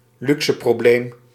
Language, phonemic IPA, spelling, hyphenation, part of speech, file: Dutch, /ˈlyk.sə.proːˌbleːm/, luxeprobleem, lu‧xe‧pro‧bleem, noun, Nl-luxeprobleem.ogg
- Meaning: a problem caused or characterised by luxury; a first-world problem